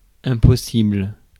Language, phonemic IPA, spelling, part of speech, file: French, /ɛ̃.pɔ.sibl/, impossible, adjective / noun, Fr-impossible.ogg
- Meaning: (adjective) 1. impossible 2. unbearable; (noun) the impossible